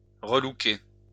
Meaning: to make over
- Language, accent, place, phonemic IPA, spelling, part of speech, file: French, France, Lyon, /ʁə.lu.ke/, relooker, verb, LL-Q150 (fra)-relooker.wav